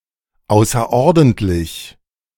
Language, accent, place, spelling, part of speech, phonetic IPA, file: German, Germany, Berlin, außerordentlich, adjective / adverb, [ˈaʊ̯sɐʔɔʁdɛntlɪç], De-außerordentlich.ogg
- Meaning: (adjective) 1. extraordinary (not ordinary), exceptional 2. outside of a set plan or order; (adverb) extraordinarily, exceptionally